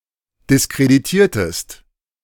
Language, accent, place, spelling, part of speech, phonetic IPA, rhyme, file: German, Germany, Berlin, diskreditiertest, verb, [dɪskʁediˈtiːɐ̯təst], -iːɐ̯təst, De-diskreditiertest.ogg
- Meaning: inflection of diskreditieren: 1. second-person singular preterite 2. second-person singular subjunctive II